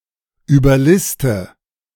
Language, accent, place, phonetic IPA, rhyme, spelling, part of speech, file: German, Germany, Berlin, [yːbɐˈlɪstə], -ɪstə, überliste, verb, De-überliste.ogg
- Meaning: inflection of überlisten: 1. first-person singular present 2. first/third-person singular subjunctive I 3. singular imperative